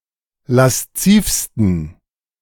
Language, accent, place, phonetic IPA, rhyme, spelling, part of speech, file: German, Germany, Berlin, [lasˈt͡siːfstn̩], -iːfstn̩, laszivsten, adjective, De-laszivsten.ogg
- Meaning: 1. superlative degree of lasziv 2. inflection of lasziv: strong genitive masculine/neuter singular superlative degree